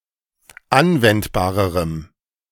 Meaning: strong dative masculine/neuter singular comparative degree of anwendbar
- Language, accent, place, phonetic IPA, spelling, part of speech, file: German, Germany, Berlin, [ˈanvɛntbaːʁəʁəm], anwendbarerem, adjective, De-anwendbarerem.ogg